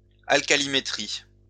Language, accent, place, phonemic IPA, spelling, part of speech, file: French, France, Lyon, /al.ka.li.me.tʁi/, alcalimétrie, noun, LL-Q150 (fra)-alcalimétrie.wav
- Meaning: alkalimetry